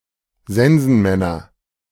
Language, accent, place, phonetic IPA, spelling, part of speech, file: German, Germany, Berlin, [ˈzɛnzn̩ˌmɛnɐ], Sensenmänner, noun, De-Sensenmänner.ogg
- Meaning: nominative/accusative/genitive plural of Sensenmann